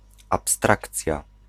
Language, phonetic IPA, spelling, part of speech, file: Polish, [apsˈtrakt͡sʲja], abstrakcja, noun, Pl-abstrakcja.ogg